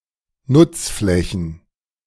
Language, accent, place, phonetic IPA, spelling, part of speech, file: German, Germany, Berlin, [ˈnʊt͡sˌflɛçn̩], Nutzflächen, noun, De-Nutzflächen.ogg
- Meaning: plural of Nutzfläche